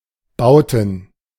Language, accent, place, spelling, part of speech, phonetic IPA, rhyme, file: German, Germany, Berlin, Bauten, noun, [ˈbaʊ̯tn̩], -aʊ̯tn̩, De-Bauten.ogg
- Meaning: plural of Bau